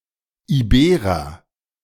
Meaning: Iberian (a native of Iberia)
- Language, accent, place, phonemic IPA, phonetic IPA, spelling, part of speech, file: German, Germany, Berlin, /iˈbeːʁəʁ/, [ʔiˈbeːʁɐ], Iberer, noun, De-Iberer.ogg